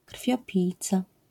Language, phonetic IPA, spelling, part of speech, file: Polish, [kr̥fʲjɔˈpʲijt͡sa], krwiopijca, noun, LL-Q809 (pol)-krwiopijca.wav